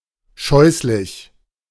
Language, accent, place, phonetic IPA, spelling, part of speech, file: German, Germany, Berlin, [ˈʃɔʏ̯slɪç], scheußlich, adjective, De-scheußlich.ogg
- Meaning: hideous, atrocious, abominable